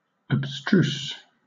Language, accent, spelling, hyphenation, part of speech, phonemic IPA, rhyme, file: English, Southern England, abstruse, abs‧truse, adjective, /əbˈstɹuːs/, -uːs, LL-Q1860 (eng)-abstruse.wav
- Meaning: 1. Difficult to comprehend or understand; obscure 2. Concealed or hidden; secret